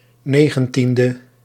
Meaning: abbreviation of negentiende (“nineteenth”); 19th
- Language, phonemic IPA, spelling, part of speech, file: Dutch, /ˈneɣə(n)ˌtində/, 19e, adjective, Nl-19e.ogg